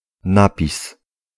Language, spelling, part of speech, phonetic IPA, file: Polish, napis, noun, [ˈnapʲis], Pl-napis.ogg